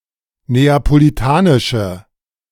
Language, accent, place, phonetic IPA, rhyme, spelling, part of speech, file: German, Germany, Berlin, [ˌneːapoliˈtaːnɪʃə], -aːnɪʃə, neapolitanische, adjective, De-neapolitanische.ogg
- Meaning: inflection of neapolitanisch: 1. strong/mixed nominative/accusative feminine singular 2. strong nominative/accusative plural 3. weak nominative all-gender singular